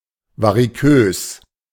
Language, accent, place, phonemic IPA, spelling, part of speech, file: German, Germany, Berlin, /vaʁiˈkøːs/, varikös, adjective, De-varikös.ogg
- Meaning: varicose